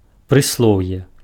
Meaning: 1. adverb 2. saying, proverb
- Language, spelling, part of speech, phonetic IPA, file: Belarusian, прыслоўе, noun, [prɨsˈɫou̯je], Be-прыслоўе.ogg